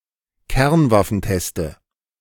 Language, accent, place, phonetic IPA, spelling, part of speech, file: German, Germany, Berlin, [ˈkɛʁnvafn̩ˌtɛstə], Kernwaffenteste, noun, De-Kernwaffenteste.ogg
- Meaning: genitive singular of Kernwaffentest